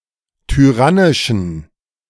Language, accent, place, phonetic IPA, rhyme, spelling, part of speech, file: German, Germany, Berlin, [tyˈʁanɪʃn̩], -anɪʃn̩, tyrannischen, adjective, De-tyrannischen.ogg
- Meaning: inflection of tyrannisch: 1. strong genitive masculine/neuter singular 2. weak/mixed genitive/dative all-gender singular 3. strong/weak/mixed accusative masculine singular 4. strong dative plural